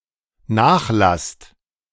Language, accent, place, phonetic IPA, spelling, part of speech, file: German, Germany, Berlin, [ˈnaːxˌlast], nachlasst, verb, De-nachlasst.ogg
- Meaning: second-person plural dependent present of nachlassen